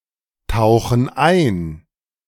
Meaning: inflection of eintauchen: 1. first/third-person plural present 2. first/third-person plural subjunctive I
- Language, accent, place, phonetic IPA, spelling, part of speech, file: German, Germany, Berlin, [ˌtaʊ̯xn̩ ˈaɪ̯n], tauchen ein, verb, De-tauchen ein.ogg